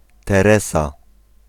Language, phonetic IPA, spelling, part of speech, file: Polish, [tɛˈrɛsa], Teresa, proper noun, Pl-Teresa.ogg